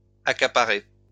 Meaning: past participle of accaparer
- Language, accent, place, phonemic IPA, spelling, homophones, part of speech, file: French, France, Lyon, /a.ka.pa.ʁe/, accaparé, accaparai / accaparée / accaparées / accaparer / accaparés / accaparez, verb, LL-Q150 (fra)-accaparé.wav